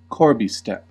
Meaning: One of a series of step-like projections at the top of a gable
- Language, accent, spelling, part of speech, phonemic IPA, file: English, US, corbie step, noun, /ˈkɔːɹbi ˌstɛp/, En-us-corbie step.ogg